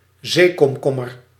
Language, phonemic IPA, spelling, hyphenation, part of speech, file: Dutch, /ˈzeː.kɔmˌkɔ.mər/, zeekomkommer, zee‧kom‧kom‧mer, noun, Nl-zeekomkommer.ogg
- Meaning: sea cucumber, echinoderm of the class Holothuroidea